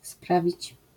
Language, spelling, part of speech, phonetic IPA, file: Polish, sprawić, verb, [ˈspravʲit͡ɕ], LL-Q809 (pol)-sprawić.wav